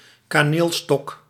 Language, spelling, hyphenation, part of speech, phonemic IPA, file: Dutch, kaneelstok, ka‧neel‧stok, noun, /kaːˈneːlˌstɔk/, Nl-kaneelstok.ogg
- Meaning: a cinnamon stick, apiece of candy shaped like a stick tasting like cinnamon (usually sold at carnivals)